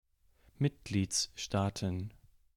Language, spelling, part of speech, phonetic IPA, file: German, Mitgliedsstaaten, noun, [ˈmɪtɡliːt͡sˌʃtaːtn̩], De-Mitgliedsstaaten.ogg
- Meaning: plural of Mitgliedsstaat